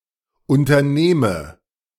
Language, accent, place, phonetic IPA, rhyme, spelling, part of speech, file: German, Germany, Berlin, [ˌʊntɐˈneːmə], -eːmə, unternehme, verb, De-unternehme.ogg
- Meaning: inflection of unternehmen: 1. first-person singular present 2. first/third-person singular subjunctive I